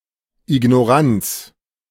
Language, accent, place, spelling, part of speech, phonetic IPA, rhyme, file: German, Germany, Berlin, Ignoranz, noun, [ɪɡnoˈʁant͡s], -ant͡s, De-Ignoranz.ogg
- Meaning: wilful ignorance